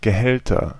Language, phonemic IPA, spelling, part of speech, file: German, /ɡəˈhɛltɐ/, Gehälter, noun, De-Gehälter.ogg
- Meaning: nominative/accusative/genitive plural of Gehalt